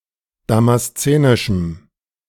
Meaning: strong dative masculine/neuter singular of damaszenisch
- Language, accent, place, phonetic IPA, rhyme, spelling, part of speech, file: German, Germany, Berlin, [ˌdamasˈt͡seːnɪʃm̩], -eːnɪʃm̩, damaszenischem, adjective, De-damaszenischem.ogg